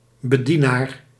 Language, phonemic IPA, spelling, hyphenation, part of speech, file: Dutch, /bəˈdi.naːr/, bedienaar, be‧die‧naar, noun, Nl-bedienaar.ogg
- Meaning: one who serves in a public or religious office